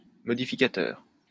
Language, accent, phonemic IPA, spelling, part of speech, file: French, France, /mɔ.di.fi.ka.tœʁ/, modificateur, noun, LL-Q150 (fra)-modificateur.wav
- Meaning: modifier